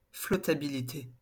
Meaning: buoyancy
- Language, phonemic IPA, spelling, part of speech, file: French, /flɔ.ta.bi.li.te/, flottabilité, noun, LL-Q150 (fra)-flottabilité.wav